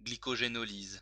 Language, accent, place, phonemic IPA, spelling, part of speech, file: French, France, Lyon, /ɡli.kɔ.ʒe.nɔ.liz/, glycogénolyse, noun, LL-Q150 (fra)-glycogénolyse.wav
- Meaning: glycogenolysis